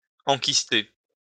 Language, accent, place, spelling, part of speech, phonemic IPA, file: French, France, Lyon, enkyster, verb, /ɑ̃.kis.te/, LL-Q150 (fra)-enkyster.wav
- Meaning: to encyst (becoming surrounded by a cyst)